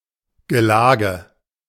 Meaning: carousal; feast
- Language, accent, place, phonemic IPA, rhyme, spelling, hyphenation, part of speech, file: German, Germany, Berlin, /ɡəˈlaːɡə/, -aːɡə, Gelage, Ge‧la‧ge, noun, De-Gelage.ogg